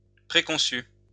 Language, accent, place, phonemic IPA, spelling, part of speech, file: French, France, Lyon, /pʁe.kɔ̃.sy/, préconçu, adjective, LL-Q150 (fra)-préconçu.wav
- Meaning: preconceived